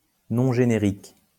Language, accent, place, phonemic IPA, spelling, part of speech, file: French, France, Lyon, /nɔ̃ ʒe.ne.ʁik/, nom générique, noun, LL-Q150 (fra)-nom générique.wav
- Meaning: generic name (the first word in a binominal name, which identifies the genus of the lifeform considered)